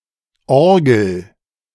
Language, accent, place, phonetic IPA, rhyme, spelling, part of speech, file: German, Germany, Berlin, [ˈɔʁɡl̩], -ɔʁɡl̩, orgel, verb, De-orgel.ogg
- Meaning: inflection of orgeln: 1. first-person singular present 2. singular imperative